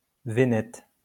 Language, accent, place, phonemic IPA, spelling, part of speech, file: French, France, Lyon, /ve.nɛt/, vénète, adjective, LL-Q150 (fra)-vénète.wav
- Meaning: Venetic